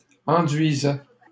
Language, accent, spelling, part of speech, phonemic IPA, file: French, Canada, enduisait, verb, /ɑ̃.dɥi.zɛ/, LL-Q150 (fra)-enduisait.wav
- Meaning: third-person singular imperfect indicative of enduire